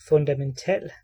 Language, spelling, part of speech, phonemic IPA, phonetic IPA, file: Danish, fundamental, adjective, /fɔndaməntaːl/, [fɔnd̥amənˈtˢæːˀl], Da-fundamental.ogg
- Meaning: basic, fundamental